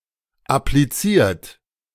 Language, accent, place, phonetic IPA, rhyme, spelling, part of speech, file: German, Germany, Berlin, [apliˈt͡siːɐ̯t], -iːɐ̯t, appliziert, verb, De-appliziert.ogg
- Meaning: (verb) past participle of applizieren; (adjective) applied; appliqued